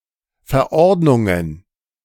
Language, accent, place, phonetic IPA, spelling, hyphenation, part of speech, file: German, Germany, Berlin, [fɛɐ̯ˈʔɔʁdnʊŋən], Verordnungen, Ver‧ord‧nung‧en, noun, De-Verordnungen.ogg
- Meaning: plural of Verordnung